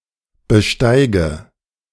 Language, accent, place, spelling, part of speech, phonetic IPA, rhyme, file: German, Germany, Berlin, besteige, verb, [bəˈʃtaɪ̯ɡə], -aɪ̯ɡə, De-besteige.ogg
- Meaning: inflection of besteigen: 1. first-person singular present 2. first/third-person singular subjunctive I 3. singular imperative